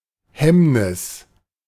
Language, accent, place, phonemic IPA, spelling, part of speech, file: German, Germany, Berlin, /ˈhɛmnɪs/, Hemmnis, noun, De-Hemmnis.ogg
- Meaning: 1. hindrance; obstruction 2. hazard